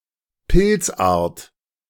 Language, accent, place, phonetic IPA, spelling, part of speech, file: German, Germany, Berlin, [ˈpɪlt͡sˌʔaːɐ̯t], Pilzart, noun, De-Pilzart.ogg
- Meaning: fungal species